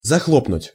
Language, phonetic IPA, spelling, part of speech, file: Russian, [zɐˈxɫopnʊtʲ], захлопнуть, verb, Ru-захлопнуть.ogg
- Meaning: to slam, to bang (a door shut)